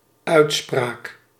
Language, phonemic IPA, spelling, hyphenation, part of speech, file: Dutch, /ˈœy̯tˌspraːk/, uitspraak, uit‧spraak, noun, Nl-uitspraak.ogg
- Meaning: 1. pronunciation 2. judgment, decision 3. assertion, claim, expression